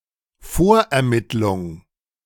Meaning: preliminary investigation
- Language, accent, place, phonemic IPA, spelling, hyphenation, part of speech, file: German, Germany, Berlin, /ˈfoːɐ̯ɛɐ̯ˌmɪtlʊŋ/, Vorermittlung, Vor‧er‧mitt‧lung, noun, De-Vorermittlung.ogg